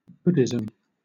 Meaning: The religion or philosophy derived from the teachings of Gautama Buddha
- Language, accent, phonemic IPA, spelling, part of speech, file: English, Southern England, /ˈbʊ.dɪ.zəm/, Buddhism, noun, LL-Q1860 (eng)-Buddhism.wav